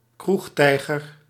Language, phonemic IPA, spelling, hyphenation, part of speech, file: Dutch, /ˈkruxˌtɛi̯.ɣər/, kroegtijger, kroeg‧tij‧ger, noun, Nl-kroegtijger.ogg
- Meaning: a frequent pub goer, a pub patron; (university slang) a student who spends a lot of time drinking at a student society